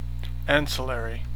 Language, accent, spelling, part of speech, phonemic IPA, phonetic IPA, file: English, US, ancillary, adjective / noun, /ˈæn.səˌlɛɹ.i/, [ˈɛn.səˌlɛɹ.i], En-us-ancillary.ogg
- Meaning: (adjective) Subordinate; secondary; auxiliary; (noun) 1. Something that serves an ancillary function, such as an easel for a painter 2. An auxiliary